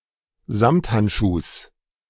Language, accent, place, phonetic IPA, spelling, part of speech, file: German, Germany, Berlin, [ˈzamthantˌʃuːs], Samthandschuhs, noun, De-Samthandschuhs.ogg
- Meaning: genitive singular of Samthandschuh